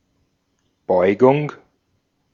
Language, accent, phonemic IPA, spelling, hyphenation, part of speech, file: German, Austria, /ˈbɔʏ̯ɡʊŋ/, Beugung, Beu‧gung, noun, De-at-Beugung.ogg
- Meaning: 1. flexion 2. diffraction 3. inflection